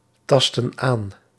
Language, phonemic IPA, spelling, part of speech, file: Dutch, /ˈtɑstə(n) ˈan/, tastten aan, verb, Nl-tastten aan.ogg
- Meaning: inflection of aantasten: 1. plural past indicative 2. plural past subjunctive